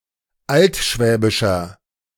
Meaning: inflection of altschwäbisch: 1. strong/mixed nominative masculine singular 2. strong genitive/dative feminine singular 3. strong genitive plural
- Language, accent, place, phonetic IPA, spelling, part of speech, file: German, Germany, Berlin, [ˈaltˌʃvɛːbɪʃɐ], altschwäbischer, adjective, De-altschwäbischer.ogg